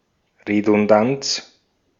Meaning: redundancy
- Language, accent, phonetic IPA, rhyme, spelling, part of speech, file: German, Austria, [ʁedʊnˈdant͡s], -ant͡s, Redundanz, noun, De-at-Redundanz.ogg